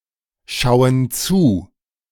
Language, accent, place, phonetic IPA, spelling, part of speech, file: German, Germany, Berlin, [ˌʃaʊ̯ən ˈt͡suː], schauen zu, verb, De-schauen zu.ogg
- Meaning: inflection of zuschauen: 1. first/third-person plural present 2. first/third-person plural subjunctive I